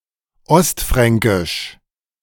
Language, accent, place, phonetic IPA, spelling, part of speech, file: German, Germany, Berlin, [ˈɔstˌfʁɛŋkɪʃ], Ostfränkisch, noun, De-Ostfränkisch.ogg
- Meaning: East Franconian (dialect)